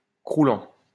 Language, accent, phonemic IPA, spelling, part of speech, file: French, France, /kʁu.lɑ̃/, croulant, noun / verb, LL-Q150 (fra)-croulant.wav
- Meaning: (noun) an elderly person; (verb) present participle of crouler